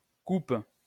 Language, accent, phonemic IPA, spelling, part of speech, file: French, France, /kup/, Coupe, proper noun, LL-Q150 (fra)-Coupe.wav
- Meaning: Crater (a constellation)